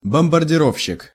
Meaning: bomber
- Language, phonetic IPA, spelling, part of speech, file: Russian, [bəmbərdʲɪˈrofɕːɪk], бомбардировщик, noun, Ru-бомбардировщик.ogg